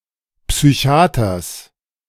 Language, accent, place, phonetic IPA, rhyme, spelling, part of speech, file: German, Germany, Berlin, [ˌpsyˈçi̯aːtɐs], -aːtɐs, Psychiaters, noun, De-Psychiaters.ogg
- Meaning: genitive singular of Psychiater